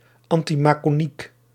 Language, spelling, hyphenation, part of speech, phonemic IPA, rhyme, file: Dutch, anti-maçonniek, an‧ti-ma‧çon‧niek, adjective, /ˌɑn.ti.maː.sɔˈnik/, -ik, Nl-anti-maçonniek.ogg
- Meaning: antimasonic